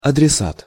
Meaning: addressee
- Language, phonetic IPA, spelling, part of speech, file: Russian, [ɐdrʲɪˈsat], адресат, noun, Ru-адресат.ogg